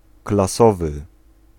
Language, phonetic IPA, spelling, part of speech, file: Polish, [klaˈsɔvɨ], klasowy, adjective, Pl-klasowy.ogg